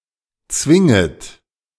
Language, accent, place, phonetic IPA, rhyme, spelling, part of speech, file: German, Germany, Berlin, [ˈt͡svɪŋət], -ɪŋət, zwinget, verb, De-zwinget.ogg
- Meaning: second-person plural subjunctive I of zwingen